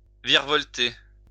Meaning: to twirl, spin around, loop around
- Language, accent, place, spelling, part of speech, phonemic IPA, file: French, France, Lyon, virevolter, verb, /viʁ.vɔl.te/, LL-Q150 (fra)-virevolter.wav